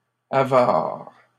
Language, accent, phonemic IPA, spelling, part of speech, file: French, Canada, /a.vaʁ/, avares, adjective, LL-Q150 (fra)-avares.wav
- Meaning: plural of avare